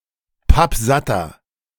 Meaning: inflection of pappsatt: 1. strong/mixed nominative masculine singular 2. strong genitive/dative feminine singular 3. strong genitive plural
- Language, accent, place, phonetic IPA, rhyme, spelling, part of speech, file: German, Germany, Berlin, [ˈpapˈzatɐ], -atɐ, pappsatter, adjective, De-pappsatter.ogg